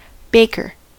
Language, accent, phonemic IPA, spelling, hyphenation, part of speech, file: English, US, /ˈbeɪ.kɚ/, baker, bak‧er, noun, En-us-baker.ogg
- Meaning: 1. A person who bakes and sells bread, cakes and similar items 2. A portable oven for baking 3. An apple suitable for baking